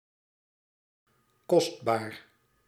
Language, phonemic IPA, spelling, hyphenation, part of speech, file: Dutch, /ˈkɔst.baːr/, kostbaar, kost‧baar, adjective, Nl-kostbaar.ogg
- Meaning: valuable, precious